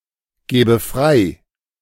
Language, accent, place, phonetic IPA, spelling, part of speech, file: German, Germany, Berlin, [ˌɡeːbə ˈfʁaɪ̯], gebe frei, verb, De-gebe frei.ogg
- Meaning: inflection of freigeben: 1. first-person singular present 2. first/third-person singular subjunctive I